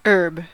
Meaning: 1. A plant whose stem is not woody and does not persist beyond each growing season 2. Grass; herbage 3. Any green, leafy plant, or parts thereof, used to flavour or season food
- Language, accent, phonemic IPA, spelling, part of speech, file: English, US, /(h)ɝb/, herb, noun, En-us-herb.ogg